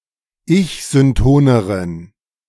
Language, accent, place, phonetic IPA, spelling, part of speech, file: German, Germany, Berlin, [ˈɪçzʏnˌtoːnəʁən], ich-syntoneren, adjective, De-ich-syntoneren.ogg
- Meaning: inflection of ich-synton: 1. strong genitive masculine/neuter singular comparative degree 2. weak/mixed genitive/dative all-gender singular comparative degree